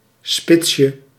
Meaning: diminutive of spits
- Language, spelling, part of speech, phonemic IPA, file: Dutch, spitsje, noun, /ˈspɪtʃə/, Nl-spitsje.ogg